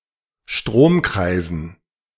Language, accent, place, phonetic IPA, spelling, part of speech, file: German, Germany, Berlin, [ˈʃtʁoːmˌkʁaɪ̯zn̩], Stromkreisen, noun, De-Stromkreisen.ogg
- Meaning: dative plural of Stromkreis